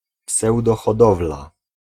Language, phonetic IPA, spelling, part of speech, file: Polish, [ˌpsɛwdɔxɔˈdɔvla], pseudohodowla, noun, Pl-pseudohodowla.ogg